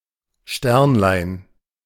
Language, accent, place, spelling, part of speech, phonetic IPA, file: German, Germany, Berlin, Sternlein, noun, [ˈʃtɛʁnlaɪ̯n], De-Sternlein.ogg
- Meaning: diminutive of Stern